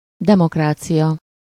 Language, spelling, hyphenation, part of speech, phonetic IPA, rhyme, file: Hungarian, demokrácia, de‧mok‧rá‧cia, noun, [ˈdɛmokraːt͡sijɒ], -jɒ, Hu-demokrácia.ogg
- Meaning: democracy